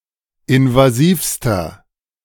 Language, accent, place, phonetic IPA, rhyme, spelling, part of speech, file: German, Germany, Berlin, [ɪnvaˈziːfstɐ], -iːfstɐ, invasivster, adjective, De-invasivster.ogg
- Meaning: inflection of invasiv: 1. strong/mixed nominative masculine singular superlative degree 2. strong genitive/dative feminine singular superlative degree 3. strong genitive plural superlative degree